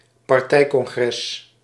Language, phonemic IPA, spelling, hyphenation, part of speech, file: Dutch, /pɑrˈtɛi̯.kɔŋˌɣrɛs/, partijcongres, par‧tij‧con‧gres, noun, Nl-partijcongres.ogg
- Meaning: a political-party congress